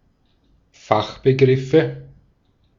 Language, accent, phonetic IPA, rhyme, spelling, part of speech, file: German, Austria, [ˈfaxbəˌɡʁɪfə], -axbəɡʁɪfə, Fachbegriffe, noun, De-at-Fachbegriffe.ogg
- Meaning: nominative/accusative/genitive plural of Fachbegriff